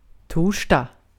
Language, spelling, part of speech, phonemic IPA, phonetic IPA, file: Swedish, torsdag, noun, /ˈtuːrsdɑ(ːɡ)/, [ˈtʰuːʂd̥ɑ(ːɡ)], Sv-torsdag.ogg
- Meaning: Thursday (now generally considered the fourth day of the week in non-religious contexts in Sweden)